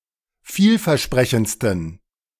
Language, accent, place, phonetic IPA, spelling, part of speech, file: German, Germany, Berlin, [ˈfiːlfɛɐ̯ˌʃpʁɛçn̩t͡stən], vielversprechendsten, adjective, De-vielversprechendsten.ogg
- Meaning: 1. superlative degree of vielversprechend 2. inflection of vielversprechend: strong genitive masculine/neuter singular superlative degree